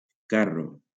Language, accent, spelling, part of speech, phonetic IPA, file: Catalan, Valencia, carro, noun, [ˈka.ro], LL-Q7026 (cat)-carro.wav
- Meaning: cart